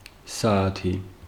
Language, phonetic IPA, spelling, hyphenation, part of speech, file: Georgian, [säätʰi], საათი, სა‧ა‧თი, noun, Ka-საათი.ogg
- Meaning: 1. hour 2. clock, watch